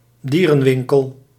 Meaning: a pet shop, a pet store
- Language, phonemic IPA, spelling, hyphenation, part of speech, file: Dutch, /ˈdi.rə(n)ˌʋɪŋ.kəl/, dierenwinkel, die‧ren‧win‧kel, noun, Nl-dierenwinkel.ogg